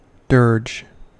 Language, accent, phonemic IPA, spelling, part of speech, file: English, US, /dɝd͡ʒ/, dirge, noun / verb, En-us-dirge.ogg
- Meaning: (noun) 1. A mournful poem or piece of music composed or performed as a memorial to a deceased person 2. A song or piece of music that is considered too slow, bland or boring; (verb) To sing dirges